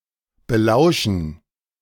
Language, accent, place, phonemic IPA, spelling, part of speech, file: German, Germany, Berlin, /bəˈlaʊ̯ʃn̩/, belauschen, verb, De-belauschen.ogg
- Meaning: to overhear, to eavesdrop on